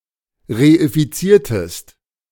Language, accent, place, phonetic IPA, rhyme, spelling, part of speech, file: German, Germany, Berlin, [ʁeifiˈt͡siːɐ̯təst], -iːɐ̯təst, reifiziertest, verb, De-reifiziertest.ogg
- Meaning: inflection of reifizieren: 1. second-person singular preterite 2. second-person singular subjunctive II